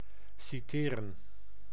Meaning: 1. to quote a text and/or an author 2. to summon, subpoena to appear in court 3. to cite, to make an honorable mention of (someone) in a citation, notably in the military
- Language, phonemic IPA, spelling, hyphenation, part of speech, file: Dutch, /siˈteːrə(n)/, citeren, ci‧te‧ren, verb, Nl-citeren.ogg